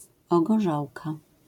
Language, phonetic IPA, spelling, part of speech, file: Polish, [ˌɔɡɔˈʒawka], ogorzałka, noun, LL-Q809 (pol)-ogorzałka.wav